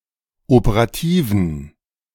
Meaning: inflection of operativ: 1. strong genitive masculine/neuter singular 2. weak/mixed genitive/dative all-gender singular 3. strong/weak/mixed accusative masculine singular 4. strong dative plural
- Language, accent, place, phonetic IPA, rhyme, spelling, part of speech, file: German, Germany, Berlin, [opəʁaˈtiːvn̩], -iːvn̩, operativen, adjective, De-operativen.ogg